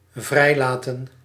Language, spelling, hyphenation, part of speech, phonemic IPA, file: Dutch, vrijlaten, vrij‧la‧ten, verb, /ˈvrɛi̯ˌlaː.tə(n)/, Nl-vrijlaten.ogg
- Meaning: to release